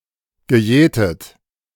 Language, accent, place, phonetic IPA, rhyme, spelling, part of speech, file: German, Germany, Berlin, [ɡəˈjɛːtət], -ɛːtət, gejätet, verb, De-gejätet.ogg
- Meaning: past participle of jäten